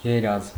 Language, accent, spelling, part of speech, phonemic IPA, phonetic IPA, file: Armenian, Eastern Armenian, երազ, noun, /jeˈɾɑz/, [jeɾɑ́z], Hy-երազ.ogg
- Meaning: dream (imaginary events seen while sleeping)